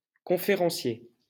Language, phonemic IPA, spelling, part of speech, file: French, /kɔ̃.fe.ʁɑ̃.sje/, conférencier, noun, LL-Q150 (fra)-conférencier.wav
- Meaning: 1. lecturer 2. speaker (at a conference, etc.)